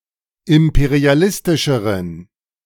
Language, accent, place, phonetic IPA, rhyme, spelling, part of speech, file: German, Germany, Berlin, [ˌɪmpeʁiaˈlɪstɪʃəʁən], -ɪstɪʃəʁən, imperialistischeren, adjective, De-imperialistischeren.ogg
- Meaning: inflection of imperialistisch: 1. strong genitive masculine/neuter singular comparative degree 2. weak/mixed genitive/dative all-gender singular comparative degree